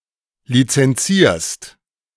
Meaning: second-person singular present of lizenzieren
- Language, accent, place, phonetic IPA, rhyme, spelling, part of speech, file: German, Germany, Berlin, [lit͡sɛnˈt͡siːɐ̯st], -iːɐ̯st, lizenzierst, verb, De-lizenzierst.ogg